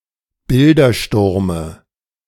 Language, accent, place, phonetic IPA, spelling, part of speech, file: German, Germany, Berlin, [ˈbɪldɐˌʃtʊʁmə], Bildersturme, noun, De-Bildersturme.ogg
- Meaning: dative singular of Bildersturm